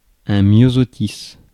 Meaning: forget-me-not
- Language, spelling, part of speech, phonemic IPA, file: French, myosotis, noun, /mjɔ.zɔ.tis/, Fr-myosotis.ogg